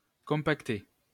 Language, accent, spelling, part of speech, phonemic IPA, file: French, France, compacter, verb, /kɔ̃.pak.te/, LL-Q150 (fra)-compacter.wav
- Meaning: to compact